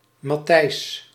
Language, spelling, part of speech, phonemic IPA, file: Dutch, Matthijs, proper noun, /mɑˈtɛi̯s/, Nl-Matthijs.ogg
- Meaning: a male given name, equivalent to English Matthew or Matthias